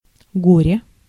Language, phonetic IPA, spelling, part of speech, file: Russian, [ˈɡorʲe], горе, noun / adverb, Ru-горе.ogg
- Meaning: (noun) 1. grief, distress, sadness 2. trouble 3. misfortune, disaster